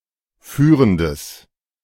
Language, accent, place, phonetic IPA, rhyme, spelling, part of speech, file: German, Germany, Berlin, [ˈfyːʁəndəs], -yːʁəndəs, führendes, adjective, De-führendes.ogg
- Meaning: strong/mixed nominative/accusative neuter singular of führend